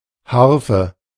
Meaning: harp
- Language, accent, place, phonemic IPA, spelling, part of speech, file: German, Germany, Berlin, /ˈharfə/, Harfe, noun, De-Harfe.ogg